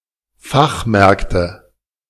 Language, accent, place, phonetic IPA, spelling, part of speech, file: German, Germany, Berlin, [ˈfaxˌmɛʁktə], Fachmärkte, noun, De-Fachmärkte.ogg
- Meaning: nominative/accusative/genitive plural of Fachmarkt